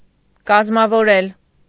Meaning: to organize, to create, to found, to establish
- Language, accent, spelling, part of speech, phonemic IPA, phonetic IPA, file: Armenian, Eastern Armenian, կազմավորել, verb, /kɑzmɑvoˈɾel/, [kɑzmɑvoɾél], Hy-կազմավորել.ogg